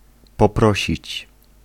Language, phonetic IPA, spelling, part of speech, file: Polish, [pɔˈprɔɕit͡ɕ], poprosić, verb, Pl-poprosić.ogg